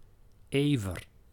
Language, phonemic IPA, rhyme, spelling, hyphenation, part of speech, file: Dutch, /ˈeː.vər/, -eːvər, ever, ever, noun, Nl-ever.ogg
- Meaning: wild boar (Sus scrofa)